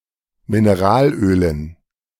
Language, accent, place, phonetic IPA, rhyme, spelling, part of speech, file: German, Germany, Berlin, [mɪneˈʁaːlˌʔøːlən], -aːlʔøːlən, Mineralölen, noun, De-Mineralölen.ogg
- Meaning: dative plural of Mineralöl